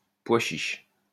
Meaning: chickpea
- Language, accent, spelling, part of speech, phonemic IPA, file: French, France, pois chiche, noun, /pwa ʃiʃ/, LL-Q150 (fra)-pois chiche.wav